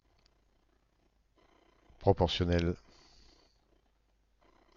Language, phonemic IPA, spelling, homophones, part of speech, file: French, /pʁɔ.pɔʁ.sjɔ.nɛl/, proportionnel, proportionnelle / proportionnelles / proportionnels, adjective, FR-proportionnel.ogg
- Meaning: proportional